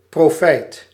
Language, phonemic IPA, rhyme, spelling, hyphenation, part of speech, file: Dutch, /proːˈfɛi̯t/, -ɛi̯t, profijt, pro‧fijt, noun, Nl-profijt.ogg
- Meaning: profit